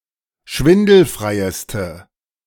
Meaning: inflection of schwindelfrei: 1. strong/mixed nominative/accusative feminine singular superlative degree 2. strong nominative/accusative plural superlative degree
- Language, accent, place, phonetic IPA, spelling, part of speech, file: German, Germany, Berlin, [ˈʃvɪndl̩fʁaɪ̯əstə], schwindelfreieste, adjective, De-schwindelfreieste.ogg